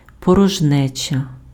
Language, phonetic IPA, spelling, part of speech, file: Ukrainian, [pɔrɔʒˈnɛt͡ʃɐ], порожнеча, noun, Uk-порожнеча.ogg
- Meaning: 1. emptiness 2. void, vacuum